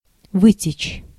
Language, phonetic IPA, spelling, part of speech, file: Russian, [ˈvɨtʲɪt͡ɕ], вытечь, verb, Ru-вытечь.ogg
- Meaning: to leak, to flow out, to run out